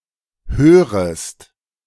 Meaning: second-person singular subjunctive I of hören
- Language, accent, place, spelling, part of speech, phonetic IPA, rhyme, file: German, Germany, Berlin, hörest, verb, [ˈhøːʁəst], -øːʁəst, De-hörest.ogg